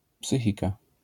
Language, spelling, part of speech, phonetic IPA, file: Polish, psychika, noun, [ˈpsɨxʲika], LL-Q809 (pol)-psychika.wav